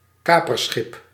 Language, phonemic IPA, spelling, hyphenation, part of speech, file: Dutch, /ˈkaːpərˌsxɪp/, kaperschip, ka‧per‧schip, noun, Nl-kaperschip.ogg
- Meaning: privateer ship, a ship authorised by a letter of marque to attack certain foreign ships